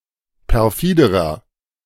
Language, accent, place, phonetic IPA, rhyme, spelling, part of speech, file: German, Germany, Berlin, [pɛʁˈfiːdəʁɐ], -iːdəʁɐ, perfiderer, adjective, De-perfiderer.ogg
- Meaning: inflection of perfide: 1. strong/mixed nominative masculine singular comparative degree 2. strong genitive/dative feminine singular comparative degree 3. strong genitive plural comparative degree